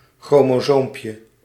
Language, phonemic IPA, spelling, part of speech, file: Dutch, /ˌxromoˈzompjə/, chromosoompje, noun, Nl-chromosoompje.ogg
- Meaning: diminutive of chromosoom